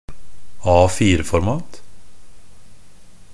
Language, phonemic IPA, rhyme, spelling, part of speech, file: Norwegian Bokmål, /ˈɑːfiːrəfɔrmɑːt/, -ɑːt, A4-format, noun, NB - Pronunciation of Norwegian Bokmål «A4-format».ogg
- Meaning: 1. a piece of paper in the standard A4 format 2. unimaginative, uniform standard